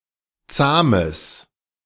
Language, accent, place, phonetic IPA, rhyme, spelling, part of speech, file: German, Germany, Berlin, [ˈt͡saːməs], -aːməs, zahmes, adjective, De-zahmes.ogg
- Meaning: strong/mixed nominative/accusative neuter singular of zahm